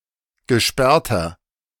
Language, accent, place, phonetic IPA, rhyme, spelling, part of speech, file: German, Germany, Berlin, [ɡəˈʃpɛʁtɐ], -ɛʁtɐ, gesperrter, adjective, De-gesperrter.ogg
- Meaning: inflection of gesperrt: 1. strong/mixed nominative masculine singular 2. strong genitive/dative feminine singular 3. strong genitive plural